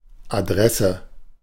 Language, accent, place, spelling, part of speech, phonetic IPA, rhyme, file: German, Germany, Berlin, Adresse, noun, [aˈdʁɛsə], -ɛsə, De-Adresse.ogg
- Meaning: address